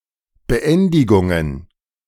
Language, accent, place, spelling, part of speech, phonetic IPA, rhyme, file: German, Germany, Berlin, Beendigungen, noun, [bəˈʔɛndɪɡʊŋən], -ɛndɪɡʊŋən, De-Beendigungen.ogg
- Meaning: plural of Beendigung